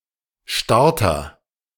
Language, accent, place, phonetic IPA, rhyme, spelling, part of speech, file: German, Germany, Berlin, [ˈʃtaʁtɐ], -aʁtɐ, Starter, noun, De-Starter.ogg
- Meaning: starter (person or device)